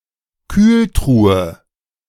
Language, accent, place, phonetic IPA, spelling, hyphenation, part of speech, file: German, Germany, Berlin, [ˈkyːlˌtʁuːə], Kühltruhe, Kühl‧tru‧he, noun, De-Kühltruhe.ogg
- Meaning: chest freezer, icebox